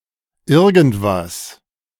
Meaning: alternative form of irgendetwas (“anything”)
- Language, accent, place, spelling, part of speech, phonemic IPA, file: German, Germany, Berlin, irgendwas, pronoun, /ˈɪʁɡn̩tˈvas/, De-irgendwas.ogg